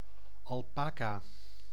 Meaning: alpaca
- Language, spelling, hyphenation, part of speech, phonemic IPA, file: Dutch, alpaca, al‧pa‧ca, noun, /ˌɑlˈpaː.kaː/, Nl-alpaca.ogg